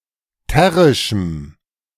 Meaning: strong dative masculine/neuter singular of terrisch
- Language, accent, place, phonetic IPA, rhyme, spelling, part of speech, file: German, Germany, Berlin, [ˈtɛʁɪʃm̩], -ɛʁɪʃm̩, terrischem, adjective, De-terrischem.ogg